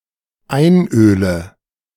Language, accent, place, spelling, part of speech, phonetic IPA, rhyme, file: German, Germany, Berlin, einöle, verb, [ˈaɪ̯nˌʔøːlə], -aɪ̯nʔøːlə, De-einöle.ogg
- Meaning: inflection of einölen: 1. first-person singular dependent present 2. first/third-person singular dependent subjunctive I